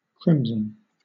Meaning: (noun) A deep, slightly bluish red; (adjective) 1. Having a deep red colour 2. Immodest; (verb) 1. To become crimson or deep red; to blush 2. To dye with crimson or deep red; to redden
- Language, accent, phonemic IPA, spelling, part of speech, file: English, Southern England, /ˈkɹɪmzən/, crimson, noun / adjective / verb, LL-Q1860 (eng)-crimson.wav